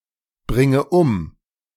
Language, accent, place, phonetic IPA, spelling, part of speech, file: German, Germany, Berlin, [ˌbʁɪŋə ˈʊm], bringe um, verb, De-bringe um.ogg
- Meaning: inflection of umbringen: 1. first-person singular present 2. first/third-person singular subjunctive I 3. singular imperative